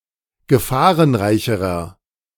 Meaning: inflection of gefahrenreich: 1. strong/mixed nominative masculine singular comparative degree 2. strong genitive/dative feminine singular comparative degree
- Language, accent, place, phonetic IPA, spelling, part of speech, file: German, Germany, Berlin, [ɡəˈfaːʁənˌʁaɪ̯çəʁɐ], gefahrenreicherer, adjective, De-gefahrenreicherer.ogg